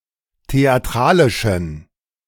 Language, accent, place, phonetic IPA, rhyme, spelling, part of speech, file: German, Germany, Berlin, [teaˈtʁaːlɪʃn̩], -aːlɪʃn̩, theatralischen, adjective, De-theatralischen.ogg
- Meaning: inflection of theatralisch: 1. strong genitive masculine/neuter singular 2. weak/mixed genitive/dative all-gender singular 3. strong/weak/mixed accusative masculine singular 4. strong dative plural